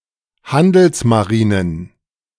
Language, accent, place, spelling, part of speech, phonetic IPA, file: German, Germany, Berlin, Handelsmarinen, noun, [ˈhandl̩smaˌʁiːnən], De-Handelsmarinen.ogg
- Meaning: plural of Handelsmarine